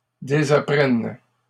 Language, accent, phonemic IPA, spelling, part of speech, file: French, Canada, /de.za.pʁɛn/, désapprenne, verb, LL-Q150 (fra)-désapprenne.wav
- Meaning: first/third-person singular present subjunctive of désapprendre